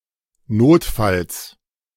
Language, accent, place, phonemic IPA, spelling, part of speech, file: German, Germany, Berlin, /ˈnoːtfals/, Notfalls, noun, De-Notfalls.ogg
- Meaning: genitive singular of Notfall